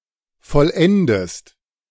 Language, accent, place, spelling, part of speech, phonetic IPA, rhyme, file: German, Germany, Berlin, vollendest, verb, [fɔlˈʔɛndəst], -ɛndəst, De-vollendest.ogg
- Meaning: inflection of vollenden: 1. second-person singular present 2. second-person singular subjunctive I